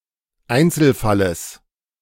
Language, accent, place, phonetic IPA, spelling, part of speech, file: German, Germany, Berlin, [ˈaɪ̯nt͡sl̩ˌfaləs], Einzelfalles, noun, De-Einzelfalles.ogg
- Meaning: genitive singular of Einzelfall